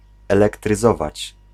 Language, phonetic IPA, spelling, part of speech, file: Polish, [ˌɛlɛktrɨˈzɔvat͡ɕ], elektryzować, verb, Pl-elektryzować.ogg